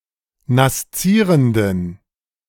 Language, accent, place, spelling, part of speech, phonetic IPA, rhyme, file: German, Germany, Berlin, naszierenden, adjective, [nasˈt͡siːʁəndn̩], -iːʁəndn̩, De-naszierenden.ogg
- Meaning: inflection of naszierend: 1. strong genitive masculine/neuter singular 2. weak/mixed genitive/dative all-gender singular 3. strong/weak/mixed accusative masculine singular 4. strong dative plural